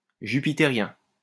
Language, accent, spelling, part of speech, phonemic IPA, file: French, France, jupitérien, adjective, /ʒy.pi.te.ʁjɛ̃/, LL-Q150 (fra)-jupitérien.wav
- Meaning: Jovian